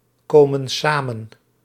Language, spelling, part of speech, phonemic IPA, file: Dutch, komen samen, verb, /ˈkomə(n) ˈsamə(n)/, Nl-komen samen.ogg
- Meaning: inflection of samenkomen: 1. plural present indicative 2. plural present subjunctive